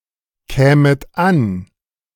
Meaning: second-person plural subjunctive II of ankommen
- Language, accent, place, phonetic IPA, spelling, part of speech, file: German, Germany, Berlin, [ˌkɛːmət ˈan], kämet an, verb, De-kämet an.ogg